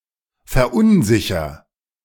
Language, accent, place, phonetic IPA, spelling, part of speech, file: German, Germany, Berlin, [fɛɐ̯ˈʔʊnˌzɪçɐ], verunsicher, verb, De-verunsicher.ogg
- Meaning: inflection of verunsichern: 1. first-person singular present 2. singular imperative